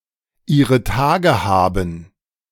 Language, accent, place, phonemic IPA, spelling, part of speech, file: German, Germany, Berlin, /ˈiːʁə ˈtaːɡə ˈhaːbn̩/, ihre Tage haben, phrase, De-ihre Tage haben.ogg
- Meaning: having her menstruation